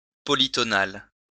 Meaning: polytonal
- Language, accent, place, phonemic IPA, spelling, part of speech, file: French, France, Lyon, /pɔ.li.tɔ.nal/, polytonal, adjective, LL-Q150 (fra)-polytonal.wav